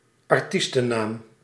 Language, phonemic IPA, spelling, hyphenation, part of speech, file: Dutch, /ɑrˈtis.təˌnaːm/, artiestennaam, ar‧ties‧ten‧naam, noun, Nl-artiestennaam.ogg
- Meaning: stage name